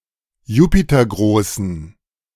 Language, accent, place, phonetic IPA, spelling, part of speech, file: German, Germany, Berlin, [ˈjuːpitɐˌɡʁoːsn̩], jupitergroßen, adjective, De-jupitergroßen.ogg
- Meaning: inflection of jupitergroß: 1. strong genitive masculine/neuter singular 2. weak/mixed genitive/dative all-gender singular 3. strong/weak/mixed accusative masculine singular 4. strong dative plural